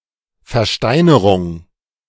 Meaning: 1. petrification 2. petrifaction
- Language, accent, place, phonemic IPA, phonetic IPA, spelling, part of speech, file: German, Germany, Berlin, /fɛʁˈʃtaɪ̯nəʁʊŋ/, [fɛɐ̯ˈʃtaɪ̯nɐʁʊŋ], Versteinerung, noun, De-Versteinerung.ogg